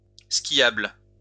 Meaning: skiable
- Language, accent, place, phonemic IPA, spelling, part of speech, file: French, France, Lyon, /skjabl/, skiable, adjective, LL-Q150 (fra)-skiable.wav